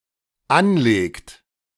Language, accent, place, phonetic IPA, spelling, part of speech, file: German, Germany, Berlin, [ˈanˌleːkt], anlegt, verb, De-anlegt.ogg
- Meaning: inflection of anlegen: 1. third-person singular dependent present 2. second-person plural dependent present